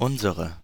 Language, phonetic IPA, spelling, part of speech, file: German, [ˈʔʊnz(ə)ʁə], unsere, pronoun, De-unsere.ogg
- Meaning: 1. inflection of unser 2. inflection of unser: nominative/accusative feminine singular 3. inflection of unser: nominative/accusative plural